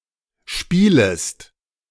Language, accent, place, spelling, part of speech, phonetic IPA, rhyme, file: German, Germany, Berlin, spielest, verb, [ˈʃpiːləst], -iːləst, De-spielest.ogg
- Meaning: second-person singular subjunctive I of spielen